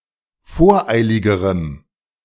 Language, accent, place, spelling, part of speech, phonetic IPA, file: German, Germany, Berlin, voreiligerem, adjective, [ˈfoːɐ̯ˌʔaɪ̯lɪɡəʁəm], De-voreiligerem.ogg
- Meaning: strong dative masculine/neuter singular comparative degree of voreilig